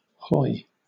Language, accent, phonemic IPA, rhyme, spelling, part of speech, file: English, Southern England, /hɔɪ/, -ɔɪ, hoy, noun / interjection / verb, LL-Q1860 (eng)-hoy.wav
- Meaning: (noun) A small coaster vessel, usually sloop-rigged, used in conveying passengers and goods, or as a tender to larger vessels in port; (interjection) Hey! ho!, hallo!, stop!